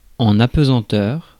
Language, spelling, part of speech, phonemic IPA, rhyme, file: French, apesanteur, noun, /a.pə.zɑ̃.tœʁ/, -œʁ, Fr-apesanteur.ogg
- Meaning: weightlessness